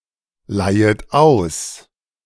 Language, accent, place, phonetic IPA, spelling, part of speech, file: German, Germany, Berlin, [ˌlaɪ̯ət ˈaʊ̯s], leihet aus, verb, De-leihet aus.ogg
- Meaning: second-person plural subjunctive I of ausleihen